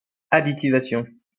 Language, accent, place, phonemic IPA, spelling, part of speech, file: French, France, Lyon, /a.di.ti.va.sjɔ̃/, additivation, noun, LL-Q150 (fra)-additivation.wav
- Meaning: the addition of additives to a material